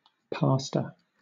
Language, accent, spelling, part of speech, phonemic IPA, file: English, Southern England, pastor, noun / verb, /ˈpɑː.stə/, LL-Q1860 (eng)-pastor.wav
- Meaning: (noun) 1. Someone who tends to a flock of animals: synonym of shepherd 2. Someone with spiritual authority over a group of people.: A minister or priest in a church